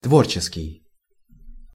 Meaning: creative
- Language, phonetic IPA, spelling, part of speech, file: Russian, [ˈtvort͡ɕɪskʲɪj], творческий, adjective, Ru-творческий.ogg